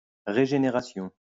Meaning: regeneration
- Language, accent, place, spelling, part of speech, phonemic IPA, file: French, France, Lyon, régénération, noun, /ʁe.ʒe.ne.ʁa.sjɔ̃/, LL-Q150 (fra)-régénération.wav